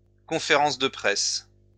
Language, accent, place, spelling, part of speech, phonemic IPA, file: French, France, Lyon, conférence de presse, noun, /kɔ̃.fe.ʁɑ̃s də pʁɛs/, LL-Q150 (fra)-conférence de presse.wav
- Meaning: press conference